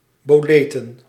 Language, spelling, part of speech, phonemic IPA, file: Dutch, boleten, noun, /boˈletə(n)/, Nl-boleten.ogg
- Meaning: plural of boleet